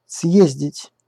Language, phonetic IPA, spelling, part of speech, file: Russian, [ˈsjezʲdʲɪtʲ], съездить, verb, Ru-съездить.ogg
- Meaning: 1. to go somewhere and come back, to fetch something/to pick up someone (by a vehicle) 2. to hit (on), to sock (in), to give a smack (on)